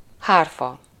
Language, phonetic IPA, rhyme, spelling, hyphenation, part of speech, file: Hungarian, [ˈhaːrfɒ], -fɒ, hárfa, hár‧fa, noun, Hu-hárfa.ogg
- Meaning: harp (musical instrument)